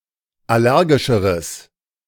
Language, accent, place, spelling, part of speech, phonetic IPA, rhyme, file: German, Germany, Berlin, allergischeres, adjective, [ˌaˈlɛʁɡɪʃəʁəs], -ɛʁɡɪʃəʁəs, De-allergischeres.ogg
- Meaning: strong/mixed nominative/accusative neuter singular comparative degree of allergisch